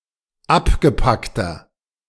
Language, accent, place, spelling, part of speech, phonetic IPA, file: German, Germany, Berlin, abgepackter, adjective, [ˈapɡəˌpaktɐ], De-abgepackter.ogg
- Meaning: inflection of abgepackt: 1. strong/mixed nominative masculine singular 2. strong genitive/dative feminine singular 3. strong genitive plural